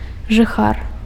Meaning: 1. inhabitant (one who lives somewhere) 2. dweller, occupant, tenant (one who lives indoors)
- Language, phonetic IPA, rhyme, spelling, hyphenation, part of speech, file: Belarusian, [ʐɨˈxar], -ar, жыхар, жы‧хар, noun, Be-жыхар.ogg